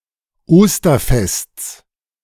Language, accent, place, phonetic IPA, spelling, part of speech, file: German, Germany, Berlin, [ˈoːstɐˌfɛst͡s], Osterfests, noun, De-Osterfests.ogg
- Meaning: genitive of Osterfest